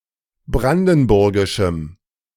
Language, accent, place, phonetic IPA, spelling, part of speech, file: German, Germany, Berlin, [ˈbʁandn̩ˌbʊʁɡɪʃm̩], brandenburgischem, adjective, De-brandenburgischem.ogg
- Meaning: strong dative masculine/neuter singular of brandenburgisch